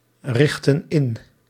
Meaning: inflection of inrichten: 1. plural present indicative 2. plural present subjunctive
- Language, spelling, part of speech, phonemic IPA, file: Dutch, richten in, verb, /ˈrɪxtə(n) ˈɪn/, Nl-richten in.ogg